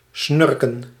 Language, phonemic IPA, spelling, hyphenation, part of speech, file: Dutch, /ˈsnʏrkə(n)/, snurken, snur‧ken, verb, Nl-snurken.ogg
- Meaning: to snore